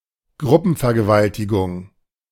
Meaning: gang rape
- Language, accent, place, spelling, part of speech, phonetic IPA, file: German, Germany, Berlin, Gruppenvergewaltigung, noun, [ˈɡʁʊpn̩fɛɐ̯ɡəˌvaltɪɡʊŋ], De-Gruppenvergewaltigung.ogg